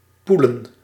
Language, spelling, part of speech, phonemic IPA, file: Dutch, poelen, noun, /ˈpulə(n)/, Nl-poelen.ogg
- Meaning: plural of poel